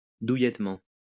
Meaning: cosily, snugly
- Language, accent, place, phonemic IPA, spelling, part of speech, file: French, France, Lyon, /du.jɛt.mɑ̃/, douillettement, adverb, LL-Q150 (fra)-douillettement.wav